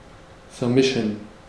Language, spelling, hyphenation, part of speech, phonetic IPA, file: German, vermischen, ver‧mi‧schen, verb, [fɛɐ̯ˈmɪʃn̩], De-vermischen.ogg
- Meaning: 1. to mix together 2. to put colors softly together 3. to (be able to) mix (with each other)